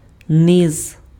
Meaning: 1. bottom, lower part 2. lowland, low terrain 3. lower reaches (of a river) 4. the masses 5. low sounds, lower register (e.g. of one's voice)
- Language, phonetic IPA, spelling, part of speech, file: Ukrainian, [nɪz], низ, noun, Uk-низ.ogg